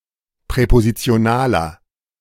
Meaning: inflection of präpositional: 1. strong/mixed nominative masculine singular 2. strong genitive/dative feminine singular 3. strong genitive plural
- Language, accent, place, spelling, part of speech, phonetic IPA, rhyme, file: German, Germany, Berlin, präpositionaler, adjective, [pʁɛpozit͡si̯oˈnaːlɐ], -aːlɐ, De-präpositionaler.ogg